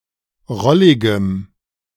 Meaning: strong dative masculine/neuter singular of rollig
- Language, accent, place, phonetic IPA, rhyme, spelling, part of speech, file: German, Germany, Berlin, [ˈʁɔlɪɡəm], -ɔlɪɡəm, rolligem, adjective, De-rolligem.ogg